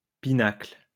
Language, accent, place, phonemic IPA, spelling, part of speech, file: French, France, Lyon, /pi.nakl/, pinacle, noun, LL-Q150 (fra)-pinacle.wav
- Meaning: pinnacle, top